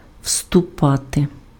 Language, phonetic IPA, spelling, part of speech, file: Ukrainian, [ʍstʊˈpate], вступати, verb, Uk-вступати.ogg
- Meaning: 1. to enter, to step in 2. to march in 3. to join (become a member of)